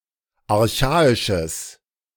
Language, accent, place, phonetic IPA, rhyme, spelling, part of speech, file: German, Germany, Berlin, [aʁˈçaːɪʃəs], -aːɪʃəs, archaisches, adjective, De-archaisches.ogg
- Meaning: strong/mixed nominative/accusative neuter singular of archaisch